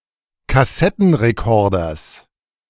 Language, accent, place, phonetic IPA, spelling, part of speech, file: German, Germany, Berlin, [kaˈsɛtn̩ʁeˌkɔʁdɐs], Kassettenrekorders, noun, De-Kassettenrekorders.ogg
- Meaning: genitive singular of Kassettenrekorder